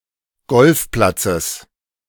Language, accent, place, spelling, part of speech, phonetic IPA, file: German, Germany, Berlin, Golfplatzes, noun, [ˈɡɔlfˌplat͡səs], De-Golfplatzes.ogg
- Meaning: genitive of Golfplatz